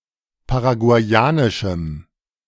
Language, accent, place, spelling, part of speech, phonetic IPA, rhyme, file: German, Germany, Berlin, paraguayanischem, adjective, [paʁaɡu̯aɪ̯ˈaːnɪʃm̩], -aːnɪʃm̩, De-paraguayanischem.ogg
- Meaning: strong dative masculine/neuter singular of paraguayanisch